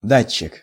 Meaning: transducer, sensing unit, sending unit, gage, sensor
- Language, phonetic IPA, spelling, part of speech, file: Russian, [ˈdat͡ɕːɪk], датчик, noun, Ru-датчик.ogg